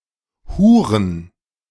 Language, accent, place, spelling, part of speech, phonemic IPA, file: German, Germany, Berlin, huren, verb, /ˈhuːʁən/, De-huren.ogg
- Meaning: to whore